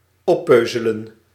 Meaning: to eat something in its entirety, especially with small bites or nibbles
- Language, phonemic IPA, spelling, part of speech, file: Dutch, /ˈɔpøzələ(n)/, oppeuzelen, verb, Nl-oppeuzelen.ogg